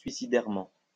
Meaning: suicidally
- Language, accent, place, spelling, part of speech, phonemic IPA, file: French, France, Lyon, suicidairement, adverb, /sɥi.si.dɛʁ.mɑ̃/, LL-Q150 (fra)-suicidairement.wav